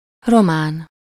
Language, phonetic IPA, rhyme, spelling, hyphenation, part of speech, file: Hungarian, [ˈromaːn], -aːn, román, ro‧mán, adjective / noun, Hu-román.ogg
- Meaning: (adjective) Romanian (of, from, or relating to Romania, its people or language); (noun) 1. Romanian (person) 2. Romanian (language); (adjective) Romance (in linguistics)